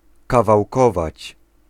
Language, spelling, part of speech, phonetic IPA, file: Polish, kawałkować, verb, [ˌkavawˈkɔvat͡ɕ], Pl-kawałkować.ogg